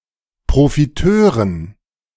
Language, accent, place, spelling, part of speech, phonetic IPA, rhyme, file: German, Germany, Berlin, Profiteuren, noun, [pʁofiˈtøːʁən], -øːʁən, De-Profiteuren.ogg
- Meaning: dative plural of Profiteur